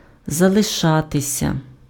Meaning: to remain, to stay; to be left
- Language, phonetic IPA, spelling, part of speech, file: Ukrainian, [zɐɫeˈʃatesʲɐ], залишатися, verb, Uk-залишатися.ogg